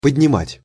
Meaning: to raise, to elevate, to increase
- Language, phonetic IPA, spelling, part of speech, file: Russian, [pədʲnʲɪˈmatʲ], поднимать, verb, Ru-поднимать.ogg